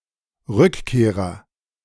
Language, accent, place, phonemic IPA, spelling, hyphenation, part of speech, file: German, Germany, Berlin, /ˈʁʏkˌkeːʁɐ/, Rückkehrer, Rück‧keh‧rer, noun, De-Rückkehrer.ogg
- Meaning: returnee